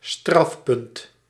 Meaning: penalty point
- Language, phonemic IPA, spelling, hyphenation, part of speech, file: Dutch, /ˈstrɑf.pʏnt/, strafpunt, straf‧punt, noun, Nl-strafpunt.ogg